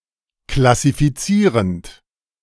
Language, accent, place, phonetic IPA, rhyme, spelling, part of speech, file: German, Germany, Berlin, [klasifiˈt͡siːʁənt], -iːʁənt, klassifizierend, verb, De-klassifizierend.ogg
- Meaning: present participle of klassifizieren